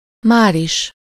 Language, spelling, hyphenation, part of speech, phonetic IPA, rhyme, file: Hungarian, máris, már‧is, adverb, [ˈmaːriʃ], -iʃ, Hu-máris.ogg
- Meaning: immediately